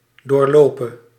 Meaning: singular present subjunctive of doorlopen (“to go through”)
- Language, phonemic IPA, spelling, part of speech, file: Dutch, /doːrˈloːpə/, doorlope, verb, Nl-doorlope.ogg